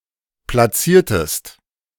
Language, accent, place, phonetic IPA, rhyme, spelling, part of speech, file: German, Germany, Berlin, [plaˈt͡siːɐ̯təst], -iːɐ̯təst, platziertest, verb, De-platziertest.ogg
- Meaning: inflection of platzieren: 1. second-person singular preterite 2. second-person singular subjunctive II